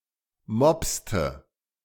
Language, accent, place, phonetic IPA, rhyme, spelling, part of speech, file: German, Germany, Berlin, [ˈmɔpstə], -ɔpstə, mopste, verb, De-mopste.ogg
- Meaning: inflection of mopsen: 1. first/third-person singular preterite 2. first/third-person singular subjunctive II